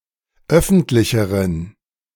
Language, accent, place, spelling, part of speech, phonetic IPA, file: German, Germany, Berlin, öffentlicheren, adjective, [ˈœfn̩tlɪçəʁən], De-öffentlicheren.ogg
- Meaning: inflection of öffentlich: 1. strong genitive masculine/neuter singular comparative degree 2. weak/mixed genitive/dative all-gender singular comparative degree